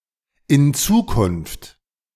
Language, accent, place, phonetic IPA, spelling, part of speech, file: German, Germany, Berlin, [ɪn ˈt͡suːkʊnft], in Zukunft, phrase, De-in Zukunft.ogg
- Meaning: hereafter, in future, in the future, for the future